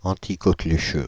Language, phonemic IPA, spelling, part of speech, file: French, /ɑ̃.ti.kɔ.kly.ʃø/, anticoquelucheux, adjective, Fr-anticoquelucheux.ogg
- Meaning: anti-whooping cough